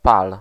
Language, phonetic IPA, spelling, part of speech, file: Polish, [pal], pal, noun / verb, Pl-pal.ogg